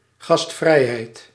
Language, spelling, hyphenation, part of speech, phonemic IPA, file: Dutch, gastvrijheid, gast‧vrij‧heid, noun, /ˌɣɑstˈfrɛi̯.ɦɛi̯t/, Nl-gastvrijheid.ogg
- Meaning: hospitality